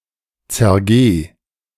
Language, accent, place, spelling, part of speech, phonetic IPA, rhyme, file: German, Germany, Berlin, zergeh, verb, [t͡sɛɐ̯ˈɡeː], -eː, De-zergeh.ogg
- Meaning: singular imperative of zergehen